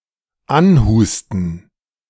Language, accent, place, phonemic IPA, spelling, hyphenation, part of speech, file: German, Germany, Berlin, /ˈanˌhuːstn̩/, anhusten, an‧hus‧ten, verb, De-anhusten.ogg
- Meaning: to cough (on someone/something)